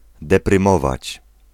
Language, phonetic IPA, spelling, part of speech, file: Polish, [ˌdɛprɨ̃ˈmɔvat͡ɕ], deprymować, verb, Pl-deprymować.ogg